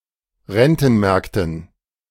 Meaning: dative plural of Rentenmarkt
- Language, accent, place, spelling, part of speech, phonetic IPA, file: German, Germany, Berlin, Rentenmärkten, noun, [ˈʁɛntn̩ˌmɛʁktn̩], De-Rentenmärkten.ogg